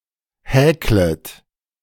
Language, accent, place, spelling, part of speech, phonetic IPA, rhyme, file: German, Germany, Berlin, häklet, verb, [ˈhɛːklət], -ɛːklət, De-häklet.ogg
- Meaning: second-person plural subjunctive I of häkeln